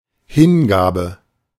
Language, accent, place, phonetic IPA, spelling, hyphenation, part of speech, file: German, Germany, Berlin, [ˈhɪnˌɡaːbə], Hingabe, Hin‧ga‧be, noun, De-Hingabe.ogg
- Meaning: 1. devotion 2. dedication, commitment